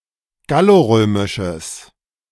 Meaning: strong/mixed nominative/accusative neuter singular of gallorömisch
- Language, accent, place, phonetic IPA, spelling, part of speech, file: German, Germany, Berlin, [ˈɡaloˌʁøːmɪʃəs], gallorömisches, adjective, De-gallorömisches.ogg